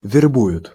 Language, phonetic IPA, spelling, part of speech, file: Russian, [vʲɪrˈbujʊt], вербуют, verb, Ru-вербуют.ogg
- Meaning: third-person plural present indicative imperfective of вербова́ть (verbovátʹ)